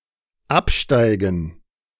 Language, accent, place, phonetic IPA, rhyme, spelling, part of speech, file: German, Germany, Berlin, [ˈapˌʃtaɪ̯ɡn̩], -apʃtaɪ̯ɡn̩, Absteigen, noun, De-Absteigen.ogg
- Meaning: gerund of absteigen